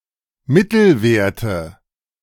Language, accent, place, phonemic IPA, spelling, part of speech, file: German, Germany, Berlin, /ˈmɪtl̩vɛʁtə/, Mittelwerte, noun, De-Mittelwerte.ogg
- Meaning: 1. nominative/accusative/genitive plural of Mittelwert 2. dative singular of Mittelwert